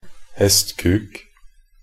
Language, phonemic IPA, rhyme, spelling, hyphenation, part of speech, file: Norwegian Bokmål, /hɛstkʉːk/, -ʉːk, hestkuk, hest‧kuk, noun, Nb-hestkuk.ogg
- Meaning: 1. an asshole, jerk, idiot, dick 2. a horse's cock